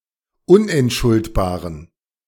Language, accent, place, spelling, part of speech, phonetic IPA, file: German, Germany, Berlin, unentschuldbaren, adjective, [ˈʊnʔɛntˌʃʊltbaːʁən], De-unentschuldbaren.ogg
- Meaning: inflection of unentschuldbar: 1. strong genitive masculine/neuter singular 2. weak/mixed genitive/dative all-gender singular 3. strong/weak/mixed accusative masculine singular 4. strong dative plural